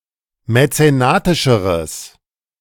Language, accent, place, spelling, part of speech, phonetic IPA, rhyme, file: German, Germany, Berlin, mäzenatischeres, adjective, [mɛt͡seˈnaːtɪʃəʁəs], -aːtɪʃəʁəs, De-mäzenatischeres.ogg
- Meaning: strong/mixed nominative/accusative neuter singular comparative degree of mäzenatisch